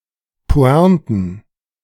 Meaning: plural of Pointe
- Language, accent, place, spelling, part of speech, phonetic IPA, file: German, Germany, Berlin, Pointen, noun, [ˈpo̯ɛ̃ːtn̩], De-Pointen.ogg